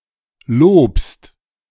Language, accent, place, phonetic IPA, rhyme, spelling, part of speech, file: German, Germany, Berlin, [loːpst], -oːpst, lobst, verb, De-lobst.ogg
- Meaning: second-person singular present of loben